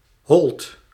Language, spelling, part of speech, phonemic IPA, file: Dutch, holt, noun / verb, /hɔlt/, Nl-holt.ogg
- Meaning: inflection of hollen: 1. second/third-person singular present indicative 2. plural imperative